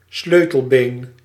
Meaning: collarbone
- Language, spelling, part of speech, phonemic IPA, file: Dutch, sleutelbeen, noun, /ˈsløːtəlˌbeːn/, Nl-sleutelbeen.ogg